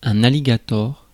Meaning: alligator (animal)
- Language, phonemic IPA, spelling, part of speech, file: French, /a.li.ɡa.tɔʁ/, alligator, noun, Fr-alligator.ogg